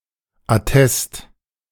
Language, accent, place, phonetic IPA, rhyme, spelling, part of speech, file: German, Germany, Berlin, [aˈtɛst], -ɛst, Attest, noun, De-Attest2.ogg
- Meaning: medical certificate